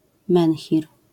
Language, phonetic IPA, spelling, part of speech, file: Polish, [ˈmɛ̃nxʲir], menhir, noun, LL-Q809 (pol)-menhir.wav